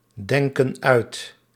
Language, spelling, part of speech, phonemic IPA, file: Dutch, denken uit, verb, /ˈdɛŋkə(n) ˈœyt/, Nl-denken uit.ogg
- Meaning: inflection of uitdenken: 1. plural present indicative 2. plural present subjunctive